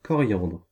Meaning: 1. coriander (the plant) 2. coriander (the herb and spice)
- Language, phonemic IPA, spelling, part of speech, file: French, /kɔ.ʁjɑ̃dʁ/, coriandre, noun, Fr-coriandre.ogg